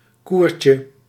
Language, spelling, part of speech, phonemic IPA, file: Dutch, koertje, noun, /ˈkurcə/, Nl-koertje.ogg
- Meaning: diminutive of koer